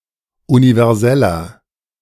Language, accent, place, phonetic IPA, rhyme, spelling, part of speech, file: German, Germany, Berlin, [univɛʁˈzɛlɐ], -ɛlɐ, universeller, adjective, De-universeller.ogg
- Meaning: inflection of universell: 1. strong/mixed nominative masculine singular 2. strong genitive/dative feminine singular 3. strong genitive plural